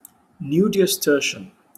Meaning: Of or relating to the day before yesterday; very recent
- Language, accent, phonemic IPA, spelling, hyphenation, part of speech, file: English, UK, /n(j)ʊdi.əsˈtɜʃɪən/, nudiustertian, nu‧di‧us‧ter‧tian, adjective, En-uk-nudiustertian.opus